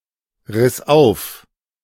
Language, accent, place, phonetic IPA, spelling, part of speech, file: German, Germany, Berlin, [ˌʁɪs ˈaʊ̯f], riss auf, verb, De-riss auf.ogg
- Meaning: first/third-person singular preterite of aufreißen